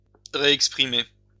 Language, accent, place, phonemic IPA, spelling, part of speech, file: French, France, Lyon, /ʁe.ɛk.spʁi.me/, réexprimer, verb, LL-Q150 (fra)-réexprimer.wav
- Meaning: to re-express (express in a different, new way)